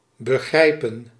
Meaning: 1. to understand (concepts, ideas), to comprehend, to grasp 2. to encompass, include
- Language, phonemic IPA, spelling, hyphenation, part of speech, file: Dutch, /bəˈɣrɛi̯pə(n)/, begrijpen, be‧grij‧pen, verb, Nl-begrijpen.ogg